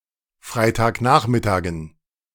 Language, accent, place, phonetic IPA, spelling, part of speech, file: German, Germany, Berlin, [ˈfʁaɪ̯taːkˌnaːxmɪtaːɡn̩], Freitagnachmittagen, noun, De-Freitagnachmittagen.ogg
- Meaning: dative plural of Freitagnachmittag